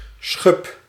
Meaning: 1. scale (keratinous segment of certain animals' skin) 2. pigmented, chitinous segment of butterfly wings 3. a similarly flaky part of the exterior of plants
- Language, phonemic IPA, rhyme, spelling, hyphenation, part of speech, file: Dutch, /sxʏp/, -ʏp, schub, schub, noun, Nl-schub.ogg